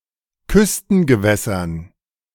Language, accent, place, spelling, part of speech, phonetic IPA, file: German, Germany, Berlin, Küstengewässern, noun, [ˈkʏstn̩ɡəˌvɛsɐn], De-Küstengewässern.ogg
- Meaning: dative plural of Küstengewässer